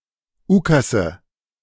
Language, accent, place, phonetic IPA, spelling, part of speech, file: German, Germany, Berlin, [ˈuːkasə], Ukasse, noun, De-Ukasse.ogg
- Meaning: nominative/accusative/genitive plural of Ukas